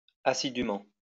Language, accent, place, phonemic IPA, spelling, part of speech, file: French, France, Lyon, /a.si.dy.mɑ̃/, assidument, adverb, LL-Q150 (fra)-assidument.wav
- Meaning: post-1990 spelling of assidûment